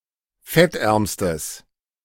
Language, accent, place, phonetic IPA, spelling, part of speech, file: German, Germany, Berlin, [ˈfɛtˌʔɛʁmstəs], fettärmstes, adjective, De-fettärmstes.ogg
- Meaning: strong/mixed nominative/accusative neuter singular superlative degree of fettarm